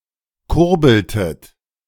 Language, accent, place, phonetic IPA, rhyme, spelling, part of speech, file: German, Germany, Berlin, [ˈkʊʁbl̩tət], -ʊʁbl̩tət, kurbeltet, verb, De-kurbeltet.ogg
- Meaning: inflection of kurbeln: 1. second-person plural preterite 2. second-person plural subjunctive II